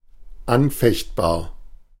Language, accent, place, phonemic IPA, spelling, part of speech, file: German, Germany, Berlin, /ˈanˌfɛçtbaːɐ̯/, anfechtbar, adjective, De-anfechtbar.ogg
- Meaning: 1. contestable, disputable 2. exceptional